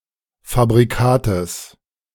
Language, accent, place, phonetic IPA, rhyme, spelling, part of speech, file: German, Germany, Berlin, [fabʁiˈkaːtəs], -aːtəs, Fabrikates, noun, De-Fabrikates.ogg
- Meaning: genitive singular of Fabrikat